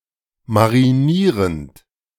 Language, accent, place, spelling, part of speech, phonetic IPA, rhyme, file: German, Germany, Berlin, marinierend, verb, [maʁiˈniːʁənt], -iːʁənt, De-marinierend.ogg
- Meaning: present participle of marinieren